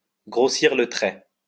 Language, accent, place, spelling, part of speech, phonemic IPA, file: French, France, Lyon, grossir le trait, verb, /ɡʁo.siʁ lə tʁɛ/, LL-Q150 (fra)-grossir le trait.wav
- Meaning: to exaggerate, to caricature (often on purpose, so as to make something appear more clearly)